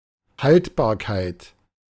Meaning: 1. durability 2. stability 3. shelf life (maximum time a material can be stored under specific conditions)
- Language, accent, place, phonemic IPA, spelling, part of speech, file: German, Germany, Berlin, /ˈhaltbaːɐ̯kaɪ̯t/, Haltbarkeit, noun, De-Haltbarkeit.ogg